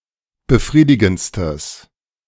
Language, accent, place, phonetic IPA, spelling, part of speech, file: German, Germany, Berlin, [bəˈfʁiːdɪɡn̩t͡stəs], befriedigendstes, adjective, De-befriedigendstes.ogg
- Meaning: strong/mixed nominative/accusative neuter singular superlative degree of befriedigend